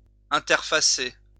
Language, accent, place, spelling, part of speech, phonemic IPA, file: French, France, Lyon, interfacer, verb, /ɛ̃.tɛʁ.fa.se/, LL-Q150 (fra)-interfacer.wav
- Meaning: to interface